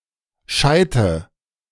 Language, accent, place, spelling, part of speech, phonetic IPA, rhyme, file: German, Germany, Berlin, Scheite, noun, [ˈʃaɪ̯tə], -aɪ̯tə, De-Scheite.ogg
- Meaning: nominative/accusative/genitive plural of Scheit